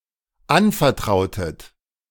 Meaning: inflection of anvertrauen: 1. second-person plural dependent preterite 2. second-person plural dependent subjunctive II
- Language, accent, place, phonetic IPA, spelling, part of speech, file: German, Germany, Berlin, [ˈanfɛɐ̯ˌtʁaʊ̯tət], anvertrautet, verb, De-anvertrautet.ogg